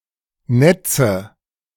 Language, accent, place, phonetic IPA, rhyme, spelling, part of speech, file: German, Germany, Berlin, [ˈnɛt͡sə], -ɛt͡sə, Netze, noun, De-Netze.ogg
- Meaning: 1. nominative/accusative/genitive plural of Netz 2. nets, networks